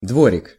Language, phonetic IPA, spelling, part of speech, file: Russian, [ˈdvorʲɪk], дворик, noun, Ru-дворик.ogg
- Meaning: diminutive of двор (dvor): (a small) courtyard